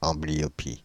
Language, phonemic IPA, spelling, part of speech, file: French, /ɑ̃.bli.jɔ.pi/, amblyopie, noun, Fr-amblyopie.ogg
- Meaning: amblyopia (dimness or blurring of the eyesight)